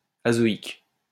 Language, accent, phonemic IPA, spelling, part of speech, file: French, France, /a.zɔ.ik/, azoïque, adjective, LL-Q150 (fra)-azoïque.wav
- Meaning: azoic